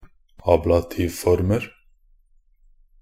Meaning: indefinite plural of ablativform
- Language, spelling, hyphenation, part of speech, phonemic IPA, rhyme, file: Norwegian Bokmål, ablativformer, ab‧la‧tiv‧for‧mer, noun, /ˈɑːblatiːʋfɔrmər/, -ər, Nb-ablativformer.ogg